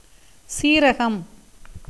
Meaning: cumin
- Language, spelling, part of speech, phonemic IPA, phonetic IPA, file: Tamil, சீரகம், noun, /tʃiːɾɐɡɐm/, [siːɾɐɡɐm], Ta-சீரகம்.ogg